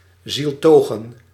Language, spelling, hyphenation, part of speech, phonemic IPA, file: Dutch, zieltogen, ziel‧to‧gen, verb, /ˈzilˌtoː.ɣə(n)/, Nl-zieltogen.ogg
- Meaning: to be about to die, to be in a state of imminent death